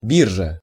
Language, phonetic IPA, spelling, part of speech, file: Russian, [ˈbʲirʐə], биржа, noun, Ru-биржа.ogg
- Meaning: exchange, market